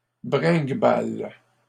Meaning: inflection of bringuebaler: 1. first/third-person singular present indicative/subjunctive 2. second-person singular imperative
- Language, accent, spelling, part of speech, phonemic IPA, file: French, Canada, bringuebale, verb, /bʁɛ̃ɡ.bal/, LL-Q150 (fra)-bringuebale.wav